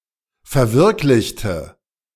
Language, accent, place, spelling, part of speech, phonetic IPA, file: German, Germany, Berlin, verwirklichte, adjective / verb, [fɛɐ̯ˈvɪʁklɪçtə], De-verwirklichte.ogg
- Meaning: inflection of verwirklichen: 1. first/third-person singular preterite 2. first/third-person singular subjunctive II